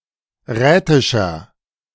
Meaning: inflection of rätisch: 1. strong/mixed nominative masculine singular 2. strong genitive/dative feminine singular 3. strong genitive plural
- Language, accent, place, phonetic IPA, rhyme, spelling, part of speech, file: German, Germany, Berlin, [ˈʁɛːtɪʃɐ], -ɛːtɪʃɐ, rätischer, adjective, De-rätischer.ogg